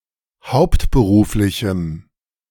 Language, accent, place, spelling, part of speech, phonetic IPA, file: German, Germany, Berlin, hauptberuflichem, adjective, [ˈhaʊ̯ptbəˌʁuːflɪçm̩], De-hauptberuflichem.ogg
- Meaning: strong dative masculine/neuter singular of hauptberuflich